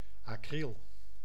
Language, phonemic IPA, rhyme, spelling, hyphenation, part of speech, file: Dutch, /ɑˈkril/, -il, acryl, acryl, noun, Nl-acryl.ogg
- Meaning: 1. the acidic compound acryl 2. a wool-like artificial fiber